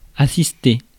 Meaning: 1. to assist, to aid 2. to attend, to be present 3. to witness, to observe
- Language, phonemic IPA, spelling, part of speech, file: French, /a.sis.te/, assister, verb, Fr-assister.ogg